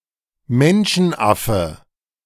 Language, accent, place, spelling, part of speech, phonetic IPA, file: German, Germany, Berlin, Menschenaffe, noun, [ˈmɛnʃn̩ˌʔafə], De-Menschenaffe.ogg
- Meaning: 1. ape or great ape (male or of unspecified gender) (a tail-less primate) 2. hominid (male or of unspecified gender) (a member of the family Hominidae, including humans)